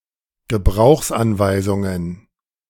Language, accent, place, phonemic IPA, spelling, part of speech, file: German, Germany, Berlin, /ɡəˈbʁaʊ̯xsʔanvaɪ̯zʊŋən/, Gebrauchsanweisungen, noun, De-Gebrauchsanweisungen.ogg
- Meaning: plural of Gebrauchsanweisung